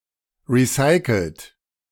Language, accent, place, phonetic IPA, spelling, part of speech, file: German, Germany, Berlin, [ˌʁiˈsaɪ̯kl̩t], recycelt, adjective / verb, De-recycelt.ogg
- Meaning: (verb) past participle of recyceln; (adjective) recycled